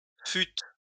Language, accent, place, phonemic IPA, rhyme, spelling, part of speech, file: French, France, Lyon, /fyt/, -yt, fûtes, verb, LL-Q150 (fra)-fûtes.wav
- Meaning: second-person plural past historic of être